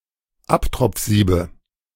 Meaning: nominative/accusative/genitive plural of Abtropfsieb
- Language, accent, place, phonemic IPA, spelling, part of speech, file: German, Germany, Berlin, /ˈaptʁɔp͡f̩ˌziːbə/, Abtropfsiebe, noun, De-Abtropfsiebe.ogg